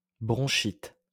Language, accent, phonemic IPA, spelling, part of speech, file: French, France, /bʁɔ̃.ʃit/, bronchite, noun, LL-Q150 (fra)-bronchite.wav
- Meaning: bronchitis